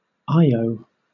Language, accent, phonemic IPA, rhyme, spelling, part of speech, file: English, Southern England, /ˈaɪəʊ/, -aɪəʊ, Io, proper noun, LL-Q1860 (eng)-Io.wav
- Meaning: 1. The daughter of Inachus river god, and a lover of Zeus, turned by the latter into a heifer 2. A moon of Jupiter, known for its volcanic activity, peppered with about 400 active volcanoes